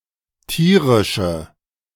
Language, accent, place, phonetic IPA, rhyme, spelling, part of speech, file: German, Germany, Berlin, [ˈtiːʁɪʃə], -iːʁɪʃə, tierische, adjective, De-tierische.ogg
- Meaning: inflection of tierisch: 1. strong/mixed nominative/accusative feminine singular 2. strong nominative/accusative plural 3. weak nominative all-gender singular